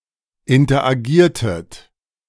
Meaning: inflection of interagieren: 1. second-person plural preterite 2. second-person plural subjunctive II
- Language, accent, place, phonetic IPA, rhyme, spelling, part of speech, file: German, Germany, Berlin, [ɪntɐʔaˈɡiːɐ̯tət], -iːɐ̯tət, interagiertet, verb, De-interagiertet.ogg